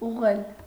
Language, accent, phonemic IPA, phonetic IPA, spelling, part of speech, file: Armenian, Eastern Armenian, /uʁˈʁel/, [uʁːél], ուղղել, verb, Hy-ուղղել.ogg
- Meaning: 1. to correct, straighten 2. to direct; to turn, aim, level, point